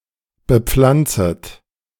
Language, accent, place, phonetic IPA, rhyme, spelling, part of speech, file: German, Germany, Berlin, [bəˈp͡flant͡sət], -ant͡sət, bepflanzet, verb, De-bepflanzet.ogg
- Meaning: second-person plural subjunctive I of bepflanzen